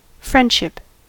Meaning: 1. The condition of being friends 2. A friendly relationship, or a relationship as friends 3. Good will
- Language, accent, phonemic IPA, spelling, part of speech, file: English, US, /ˈfɹɛn(d)ʃɪp/, friendship, noun, En-us-friendship.ogg